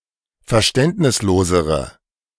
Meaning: inflection of verständnislos: 1. strong/mixed nominative/accusative feminine singular comparative degree 2. strong nominative/accusative plural comparative degree
- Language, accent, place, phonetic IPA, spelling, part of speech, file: German, Germany, Berlin, [fɛɐ̯ˈʃtɛntnɪsˌloːzəʁə], verständnislosere, adjective, De-verständnislosere.ogg